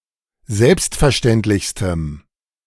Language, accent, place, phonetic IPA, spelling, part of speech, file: German, Germany, Berlin, [ˈzɛlpstfɛɐ̯ˌʃtɛntlɪçstəm], selbstverständlichstem, adjective, De-selbstverständlichstem.ogg
- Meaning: strong dative masculine/neuter singular superlative degree of selbstverständlich